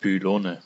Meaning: nominative/accusative/genitive plural of Pylon
- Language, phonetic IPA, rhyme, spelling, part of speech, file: German, [pyˈloːnə], -oːnə, Pylone, noun, De-Pylone.ogg